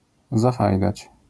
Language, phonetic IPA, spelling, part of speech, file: Polish, [zaˈfajdat͡ɕ], zafajdać, verb, LL-Q809 (pol)-zafajdać.wav